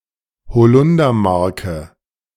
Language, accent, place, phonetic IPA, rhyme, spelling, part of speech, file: German, Germany, Berlin, [bəˈt͡sɔɪ̯ktɐ], -ɔɪ̯ktɐ, bezeugter, adjective, De-bezeugter.ogg
- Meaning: inflection of bezeugt: 1. strong/mixed nominative masculine singular 2. strong genitive/dative feminine singular 3. strong genitive plural